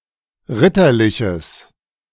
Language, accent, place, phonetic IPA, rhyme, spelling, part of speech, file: German, Germany, Berlin, [ˈʁɪtɐˌlɪçəs], -ɪtɐlɪçəs, ritterliches, adjective, De-ritterliches.ogg
- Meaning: strong/mixed nominative/accusative neuter singular of ritterlich